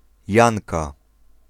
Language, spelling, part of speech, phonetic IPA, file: Polish, Janka, proper noun / noun, [ˈjãŋka], Pl-Janka.ogg